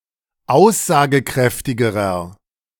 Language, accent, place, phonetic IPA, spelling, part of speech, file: German, Germany, Berlin, [ˈaʊ̯szaːɡəˌkʁɛftɪɡəʁɐ], aussagekräftigerer, adjective, De-aussagekräftigerer.ogg
- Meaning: inflection of aussagekräftig: 1. strong/mixed nominative masculine singular comparative degree 2. strong genitive/dative feminine singular comparative degree